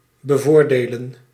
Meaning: to favor, advantage, benefit
- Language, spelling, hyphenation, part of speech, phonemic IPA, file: Dutch, bevoordelen, be‧voor‧de‧len, verb, /bəˈvoːrdeːlə(n)/, Nl-bevoordelen.ogg